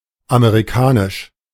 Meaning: American English, American
- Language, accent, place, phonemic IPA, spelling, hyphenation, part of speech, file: German, Germany, Berlin, /ameʁiˈkaːnɪʃ/, Amerikanisch, Ame‧ri‧ka‧nisch, proper noun, De-Amerikanisch.ogg